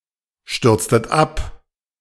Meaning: inflection of abstürzen: 1. second-person plural preterite 2. second-person plural subjunctive II
- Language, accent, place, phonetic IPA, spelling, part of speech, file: German, Germany, Berlin, [ˌʃtʏʁt͡stət ˈap], stürztet ab, verb, De-stürztet ab.ogg